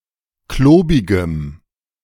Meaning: strong dative masculine/neuter singular of klobig
- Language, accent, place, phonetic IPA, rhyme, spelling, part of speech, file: German, Germany, Berlin, [ˈkloːbɪɡəm], -oːbɪɡəm, klobigem, adjective, De-klobigem.ogg